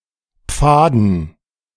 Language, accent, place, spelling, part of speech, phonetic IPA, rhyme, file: German, Germany, Berlin, Pfaden, noun, [ˈp͡faːdn̩], -aːdn̩, De-Pfaden.ogg
- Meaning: dative plural of Pfad